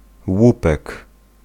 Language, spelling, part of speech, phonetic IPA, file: Polish, łupek, noun, [ˈwupɛk], Pl-łupek.ogg